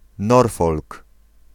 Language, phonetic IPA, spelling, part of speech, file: Polish, [ˈnɔrfɔlk], Norfolk, proper noun, Pl-Norfolk.ogg